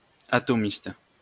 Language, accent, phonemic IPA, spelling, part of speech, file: French, France, /a.tɔ.mist/, atomiste, noun, LL-Q150 (fra)-atomiste.wav
- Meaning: atomist